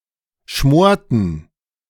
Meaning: inflection of schmoren: 1. first/third-person plural preterite 2. first/third-person plural subjunctive II
- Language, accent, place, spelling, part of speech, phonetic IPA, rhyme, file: German, Germany, Berlin, schmorten, verb, [ˈʃmoːɐ̯tn̩], -oːɐ̯tn̩, De-schmorten.ogg